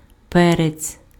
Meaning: pepper (including sweet peppers, chilis as well as black pepper)
- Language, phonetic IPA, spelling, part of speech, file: Ukrainian, [ˈpɛret͡sʲ], перець, noun, Uk-перець.ogg